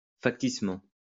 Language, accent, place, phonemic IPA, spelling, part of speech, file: French, France, Lyon, /fak.tis.mɑ̃/, facticement, adverb, LL-Q150 (fra)-facticement.wav
- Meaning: 1. artificially 2. falsely